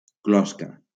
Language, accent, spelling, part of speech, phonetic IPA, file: Catalan, Valencia, closca, noun, [ˈklɔs.ka], LL-Q7026 (cat)-closca.wav
- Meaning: 1. carapace 2. eggshell; shell 3. skull, cranium 4. epicarp